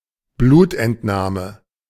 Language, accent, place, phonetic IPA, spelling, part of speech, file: German, Germany, Berlin, [ˈbluːtʔɛntˌnaːmə], Blutentnahme, noun, De-Blutentnahme.ogg
- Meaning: blood-taking (the taking of a blood sample)